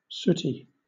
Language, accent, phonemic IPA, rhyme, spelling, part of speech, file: English, Southern England, /ˈsʊti/, -ʊti, sooty, adjective / verb, LL-Q1860 (eng)-sooty.wav
- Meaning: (adjective) 1. Of, relating to, or producing soot 2. Soiled with soot 3. Of the color of soot 4. Dark-skinned; black; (verb) To blacken or make dirty with soot